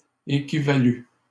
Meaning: third-person singular imperfect subjunctive of équivaloir
- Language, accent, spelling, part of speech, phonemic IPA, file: French, Canada, équivalût, verb, /e.ki.va.ly/, LL-Q150 (fra)-équivalût.wav